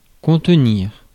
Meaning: 1. to contain 2. to contain, to hold back, to keep in check (to control) 3. to hold, to take, to seat (to have a capacity of)
- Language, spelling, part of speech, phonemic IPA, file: French, contenir, verb, /kɔ̃t.niʁ/, Fr-contenir.ogg